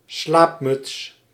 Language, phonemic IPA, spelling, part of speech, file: Dutch, /ˈslapmʏts/, slaapmuts, noun, Nl-slaapmuts.ogg
- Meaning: 1. nightcap (headwear) 2. nightcap (beverage)